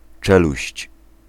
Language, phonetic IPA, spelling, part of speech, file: Polish, [ˈt͡ʃɛluɕt͡ɕ], czeluść, noun, Pl-czeluść.ogg